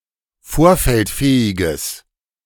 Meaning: strong/mixed nominative/accusative neuter singular of vorfeldfähig
- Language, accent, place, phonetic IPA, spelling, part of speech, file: German, Germany, Berlin, [ˈfoːɐ̯fɛltˌfɛːɪɡəs], vorfeldfähiges, adjective, De-vorfeldfähiges.ogg